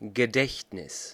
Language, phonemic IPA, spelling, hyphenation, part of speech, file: German, /ɡəˈdɛç(t).nɪs/, Gedächtnis, Ge‧dächt‧nis, noun, De-Gedächtnis.ogg
- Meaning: 1. memory (ability to recall) 2. remembrance